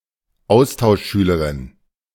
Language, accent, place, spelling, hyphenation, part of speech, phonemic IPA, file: German, Germany, Berlin, Austauschschülerin, Aus‧tausch‧schü‧le‧rin, noun, /ˈaʊ̯staʊ̯ʃˌʃyːləʁɪn/, De-Austauschschülerin.ogg
- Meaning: female equivalent of Austauschschüler: female exchange student